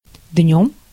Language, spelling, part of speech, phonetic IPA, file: Russian, днём, adverb / noun, [dʲnʲɵm], Ru-днём.ogg
- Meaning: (adverb) by day, during the day; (noun) instrumental singular of день (denʹ)